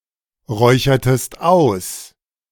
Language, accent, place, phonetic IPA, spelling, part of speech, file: German, Germany, Berlin, [ˌʁɔɪ̯çɐtəst ˈaʊ̯s], räuchertest aus, verb, De-räuchertest aus.ogg
- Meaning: inflection of ausräuchern: 1. second-person singular preterite 2. second-person singular subjunctive II